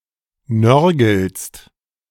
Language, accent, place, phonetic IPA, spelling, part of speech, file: German, Germany, Berlin, [ˈnœʁɡl̩st], nörgelst, verb, De-nörgelst.ogg
- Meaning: second-person singular present of nörgeln